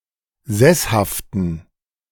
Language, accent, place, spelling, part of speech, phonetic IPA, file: German, Germany, Berlin, sesshaften, adjective, [ˈzɛshaftn̩], De-sesshaften.ogg
- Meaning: inflection of sesshaft: 1. strong genitive masculine/neuter singular 2. weak/mixed genitive/dative all-gender singular 3. strong/weak/mixed accusative masculine singular 4. strong dative plural